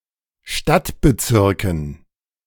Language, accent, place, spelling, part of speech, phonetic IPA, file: German, Germany, Berlin, Stadtbezirken, noun, [ˈʃtatbəˌt͡sɪʁkn̩], De-Stadtbezirken.ogg
- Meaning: dative plural of Stadtbezirk